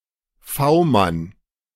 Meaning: contact man, go-between, undercover agent (working for the police or a secret service)
- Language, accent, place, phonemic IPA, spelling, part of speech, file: German, Germany, Berlin, /ˈfaʊ̯ˌman/, V-Mann, noun, De-V-Mann.ogg